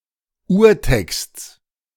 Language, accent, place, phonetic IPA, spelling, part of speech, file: German, Germany, Berlin, [ˈuːɐ̯ˌtɛkst͡s], Urtexts, noun, De-Urtexts.ogg
- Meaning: genitive of Urtext